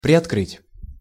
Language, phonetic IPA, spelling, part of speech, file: Russian, [prʲɪɐtˈkrɨtʲ], приоткрыть, verb, Ru-приоткрыть.ogg
- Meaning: to open slightly, to set ajar